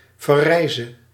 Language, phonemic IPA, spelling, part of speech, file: Dutch, /vɛˈrɛɪzə/, verrijze, verb, Nl-verrijze.ogg
- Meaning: singular present subjunctive of verrijzen